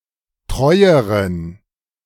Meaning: inflection of treu: 1. strong genitive masculine/neuter singular comparative degree 2. weak/mixed genitive/dative all-gender singular comparative degree
- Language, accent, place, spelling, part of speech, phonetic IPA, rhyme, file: German, Germany, Berlin, treueren, adjective, [ˈtʁɔɪ̯əʁən], -ɔɪ̯əʁən, De-treueren.ogg